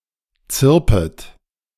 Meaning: second-person plural subjunctive I of zirpen
- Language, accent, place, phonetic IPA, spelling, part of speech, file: German, Germany, Berlin, [ˈt͡sɪʁpət], zirpet, verb, De-zirpet.ogg